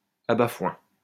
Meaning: trapdoor in the loft of a barn, used for throwing down hay
- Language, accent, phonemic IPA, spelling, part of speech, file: French, France, /a.ba.fwɛ̃/, abat-foin, noun, LL-Q150 (fra)-abat-foin.wav